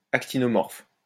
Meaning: actinomorphic (of a flower) (with petals radially symmetric)
- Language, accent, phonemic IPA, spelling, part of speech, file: French, France, /ak.ti.nɔ.mɔʁf/, actinomorphe, adjective, LL-Q150 (fra)-actinomorphe.wav